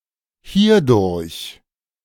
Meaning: 1. through this 2. hereby, thus
- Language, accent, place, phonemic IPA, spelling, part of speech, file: German, Germany, Berlin, /ˈhiːɐdʊɐç/, hierdurch, adverb, De-hierdurch.ogg